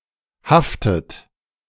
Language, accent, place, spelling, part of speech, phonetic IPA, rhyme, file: German, Germany, Berlin, haftet, verb, [ˈhaftət], -aftət, De-haftet.ogg
- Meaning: inflection of haften: 1. third-person singular present 2. second-person plural present 3. second-person plural subjunctive I 4. plural imperative